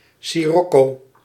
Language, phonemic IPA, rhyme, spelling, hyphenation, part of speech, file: Dutch, /ˌsiˈrɔ.koː/, -ɔkoː, sirocco, si‧roc‧co, noun, Nl-sirocco.ogg
- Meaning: 1. sirocco (wind on the Mediterranean originating from North Africa) 2. kiln